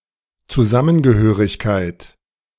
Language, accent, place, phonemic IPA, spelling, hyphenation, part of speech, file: German, Germany, Berlin, /t͡suˈzamənɡəˌhøːʁɪçkaɪ̯t/, Zusammengehörigkeit, Zu‧sam‧men‧ge‧hö‧rig‧keit, noun, De-Zusammengehörigkeit.ogg
- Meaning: 1. togetherness 2. solidarity